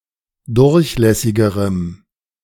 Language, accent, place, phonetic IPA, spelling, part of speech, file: German, Germany, Berlin, [ˈdʊʁçˌlɛsɪɡəʁəm], durchlässigerem, adjective, De-durchlässigerem.ogg
- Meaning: strong dative masculine/neuter singular comparative degree of durchlässig